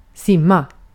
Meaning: 1. to swim 2. to take a bath, to bathe
- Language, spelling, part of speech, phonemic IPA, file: Swedish, simma, verb, /²sɪmːa/, Sv-simma.ogg